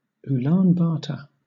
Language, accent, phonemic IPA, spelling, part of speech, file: English, Southern England, /ˌuːlɑːn ˈbɑːtə(ɹ)/, Ulaanbaatar, proper noun, LL-Q1860 (eng)-Ulaanbaatar.wav
- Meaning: 1. The capital city of Mongolia 2. The Mongolian government